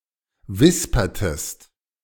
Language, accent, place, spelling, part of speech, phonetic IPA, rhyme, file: German, Germany, Berlin, wispertest, verb, [ˈvɪspɐtəst], -ɪspɐtəst, De-wispertest.ogg
- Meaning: inflection of wispern: 1. second-person singular preterite 2. second-person singular subjunctive II